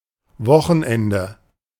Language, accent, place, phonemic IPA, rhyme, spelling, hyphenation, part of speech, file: German, Germany, Berlin, /ˈvɔxənˌɛndə/, -ɛndə, Wochenende, Wo‧chen‧en‧de, noun, De-Wochenende.ogg
- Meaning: weekend (break in the working week, usually Saturday and Sunday)